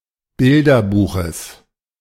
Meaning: genitive of Bilderbuch
- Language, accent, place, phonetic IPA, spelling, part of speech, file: German, Germany, Berlin, [ˈbɪldɐˌbuːxəs], Bilderbuches, noun, De-Bilderbuches.ogg